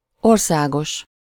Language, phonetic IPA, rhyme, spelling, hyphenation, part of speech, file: Hungarian, [ˈorsaːɡoʃ], -oʃ, országos, or‧szá‧gos, adjective, Hu-országos.ogg
- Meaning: national, public, countrywide